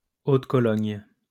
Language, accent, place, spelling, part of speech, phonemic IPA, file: French, France, Lyon, eau de Cologne, noun, /o d(ə) kɔ.lɔɲ/, LL-Q150 (fra)-eau de Cologne.wav
- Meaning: cologne (a type of perfume consisting of 2–5% essential oils, 70–90% alcohol and water)